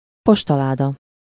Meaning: 1. mailbox, post box (for postal workers to collect letters from) 2. letterbox (the box where a postal worker delivers letters for a recipient to collect)
- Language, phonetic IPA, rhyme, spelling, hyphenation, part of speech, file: Hungarian, [ˈpoʃtɒlaːdɒ], -dɒ, postaláda, pos‧ta‧lá‧da, noun, Hu-postaláda.ogg